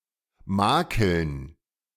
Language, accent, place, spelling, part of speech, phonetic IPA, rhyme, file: German, Germany, Berlin, Makeln, noun, [ˈmaːkl̩n], -aːkl̩n, De-Makeln.ogg
- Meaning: dative plural of Makel